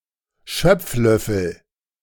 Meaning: dipper, ladle
- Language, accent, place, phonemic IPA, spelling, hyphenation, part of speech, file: German, Germany, Berlin, /ˈʃœp͡fˌlœfl̩/, Schöpflöffel, Schöpf‧löf‧fel, noun, De-Schöpflöffel.ogg